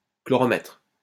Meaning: chlorometer
- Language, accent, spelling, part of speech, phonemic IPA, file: French, France, chloromètre, noun, /klɔ.ʁɔ.mɛtʁ/, LL-Q150 (fra)-chloromètre.wav